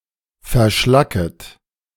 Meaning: second-person plural subjunctive I of verschlacken
- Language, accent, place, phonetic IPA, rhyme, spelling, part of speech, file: German, Germany, Berlin, [fɛɐ̯ˈʃlakət], -akət, verschlacket, verb, De-verschlacket.ogg